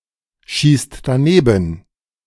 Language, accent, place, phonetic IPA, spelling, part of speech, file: German, Germany, Berlin, [ˌʃiːst daˈneːbn̩], schießt daneben, verb, De-schießt daneben.ogg
- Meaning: inflection of danebenschießen: 1. third-person singular present 2. second-person plural present 3. plural imperative